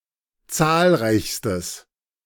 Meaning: strong/mixed nominative/accusative neuter singular superlative degree of zahlreich
- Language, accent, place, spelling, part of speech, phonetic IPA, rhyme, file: German, Germany, Berlin, zahlreichstes, adjective, [ˈt͡saːlˌʁaɪ̯çstəs], -aːlʁaɪ̯çstəs, De-zahlreichstes.ogg